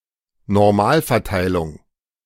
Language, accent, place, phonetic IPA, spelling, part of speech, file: German, Germany, Berlin, [nɔʁˈmaːlfɛɐ̯ˌtaɪ̯lʊŋ], Normalverteilung, noun, De-Normalverteilung.ogg
- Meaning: normal distribution